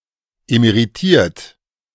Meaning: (verb) past participle of emeritieren; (adjective) emeritus
- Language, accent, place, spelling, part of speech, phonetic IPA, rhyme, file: German, Germany, Berlin, emeritiert, adjective / verb, [emeʁiˈtiːɐ̯t], -iːɐ̯t, De-emeritiert.ogg